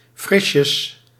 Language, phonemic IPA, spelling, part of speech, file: Dutch, /ˈfrɪʃəs/, frisjes, adverb, Nl-frisjes.ogg
- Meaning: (adjective) chilly; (noun) plural of frisje